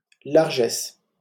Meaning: largesse; financial generosity
- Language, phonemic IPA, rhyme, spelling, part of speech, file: French, /laʁ.ʒɛs/, -ɛs, largesse, noun, LL-Q150 (fra)-largesse.wav